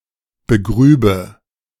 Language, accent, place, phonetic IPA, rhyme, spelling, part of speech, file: German, Germany, Berlin, [bəˈɡʁyːbə], -yːbə, begrübe, verb, De-begrübe.ogg
- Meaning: first/third-person singular subjunctive II of begraben